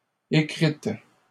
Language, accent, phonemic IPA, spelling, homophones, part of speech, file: French, Canada, /e.kʁit/, écrites, écrite, verb, LL-Q150 (fra)-écrites.wav
- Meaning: feminine plural of écrit